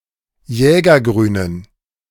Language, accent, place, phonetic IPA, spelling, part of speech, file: German, Germany, Berlin, [ˈjɛːɡɐˌɡʁyːnən], jägergrünen, adjective, De-jägergrünen.ogg
- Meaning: inflection of jägergrün: 1. strong genitive masculine/neuter singular 2. weak/mixed genitive/dative all-gender singular 3. strong/weak/mixed accusative masculine singular 4. strong dative plural